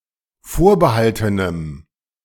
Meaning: strong dative masculine/neuter singular of vorbehalten
- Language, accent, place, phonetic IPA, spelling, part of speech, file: German, Germany, Berlin, [ˈfoːɐ̯bəˌhaltənəm], vorbehaltenem, adjective, De-vorbehaltenem.ogg